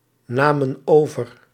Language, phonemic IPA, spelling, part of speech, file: Dutch, /ˈnamə(n) ˈovər/, namen over, verb, Nl-namen over.ogg
- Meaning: inflection of overnemen: 1. plural past indicative 2. plural past subjunctive